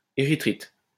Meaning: erythrite
- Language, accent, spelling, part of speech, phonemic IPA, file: French, France, érythrite, noun, /e.ʁi.tʁit/, LL-Q150 (fra)-érythrite.wav